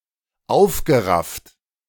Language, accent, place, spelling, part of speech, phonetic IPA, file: German, Germany, Berlin, aufgerafft, verb, [ˈaʊ̯fɡəˌʁaft], De-aufgerafft.ogg
- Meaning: past participle of aufraffen